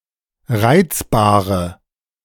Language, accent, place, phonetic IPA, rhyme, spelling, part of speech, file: German, Germany, Berlin, [ˈʁaɪ̯t͡sbaːʁə], -aɪ̯t͡sbaːʁə, reizbare, adjective, De-reizbare.ogg
- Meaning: inflection of reizbar: 1. strong/mixed nominative/accusative feminine singular 2. strong nominative/accusative plural 3. weak nominative all-gender singular 4. weak accusative feminine/neuter singular